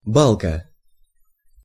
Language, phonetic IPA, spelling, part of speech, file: Russian, [ˈbaɫkə], балка, noun, Ru-балка.ogg
- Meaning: 1. beam, girder, bar, baulk 2. gully, (narrow) gorge